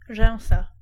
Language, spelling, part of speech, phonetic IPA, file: Polish, rzęsa, noun, [ˈʒɛ̃w̃sa], Pl-rzęsa.ogg